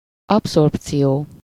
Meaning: absorption
- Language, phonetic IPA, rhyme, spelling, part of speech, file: Hungarian, [ˈɒpsorpt͡sijoː], -joː, abszorpció, noun, Hu-abszorpció.ogg